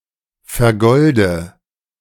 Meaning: inflection of vergolden: 1. first-person singular present 2. first/third-person singular subjunctive I 3. singular imperative
- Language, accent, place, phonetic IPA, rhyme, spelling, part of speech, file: German, Germany, Berlin, [fɛɐ̯ˈɡɔldə], -ɔldə, vergolde, verb, De-vergolde.ogg